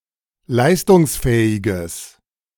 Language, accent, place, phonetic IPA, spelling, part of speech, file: German, Germany, Berlin, [ˈlaɪ̯stʊŋsˌfɛːɪɡəs], leistungsfähiges, adjective, De-leistungsfähiges.ogg
- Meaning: strong/mixed nominative/accusative neuter singular of leistungsfähig